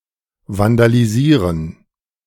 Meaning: to vandalize
- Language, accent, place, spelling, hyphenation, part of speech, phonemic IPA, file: German, Germany, Berlin, vandalisieren, van‧da‧li‧sie‧ren, verb, /vandaliˈziːʁən/, De-vandalisieren.ogg